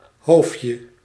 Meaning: diminutive of hoofd
- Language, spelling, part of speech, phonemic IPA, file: Dutch, hoofdje, noun, /ˈɦoːftjə/, Nl-hoofdje.ogg